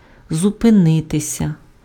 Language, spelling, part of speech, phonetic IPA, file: Ukrainian, зупинитися, verb, [zʊpeˈnɪtesʲɐ], Uk-зупинитися.ogg
- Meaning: to stop